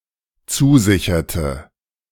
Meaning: inflection of zusichern: 1. first/third-person singular dependent preterite 2. first/third-person singular dependent subjunctive II
- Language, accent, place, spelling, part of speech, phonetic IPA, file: German, Germany, Berlin, zusicherte, verb, [ˈt͡suːˌzɪçɐtə], De-zusicherte.ogg